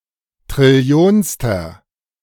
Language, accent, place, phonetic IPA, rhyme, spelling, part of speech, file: German, Germany, Berlin, [tʁɪˈli̯oːnstɐ], -oːnstɐ, trillionster, adjective, De-trillionster.ogg
- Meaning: inflection of trillionste: 1. strong/mixed nominative masculine singular 2. strong genitive/dative feminine singular 3. strong genitive plural